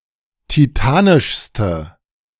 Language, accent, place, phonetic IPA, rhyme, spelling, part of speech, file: German, Germany, Berlin, [tiˈtaːnɪʃstə], -aːnɪʃstə, titanischste, adjective, De-titanischste.ogg
- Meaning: inflection of titanisch: 1. strong/mixed nominative/accusative feminine singular superlative degree 2. strong nominative/accusative plural superlative degree